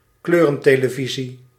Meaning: 1. a colour television (television set with colour images) 2. colour television (system of television transmission in colour)
- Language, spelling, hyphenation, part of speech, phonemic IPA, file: Dutch, kleurentelevisie, kleu‧ren‧te‧le‧vi‧sie, noun, /ˈkløː.rə(n).teː.ləˌvi.zi/, Nl-kleurentelevisie.ogg